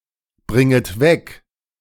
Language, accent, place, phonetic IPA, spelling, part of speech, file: German, Germany, Berlin, [ˌbʁɪŋət ˈvɛk], bringet weg, verb, De-bringet weg.ogg
- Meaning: second-person plural subjunctive I of wegbringen